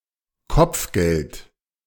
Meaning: bounty (reward)
- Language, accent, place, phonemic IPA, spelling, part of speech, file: German, Germany, Berlin, /ˈkɔpfˌɡɛlt/, Kopfgeld, noun, De-Kopfgeld.ogg